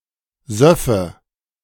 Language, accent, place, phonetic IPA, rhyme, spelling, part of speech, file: German, Germany, Berlin, [ˈzœfə], -œfə, söffe, verb, De-söffe.ogg
- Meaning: first/third-person singular subjunctive II of saufen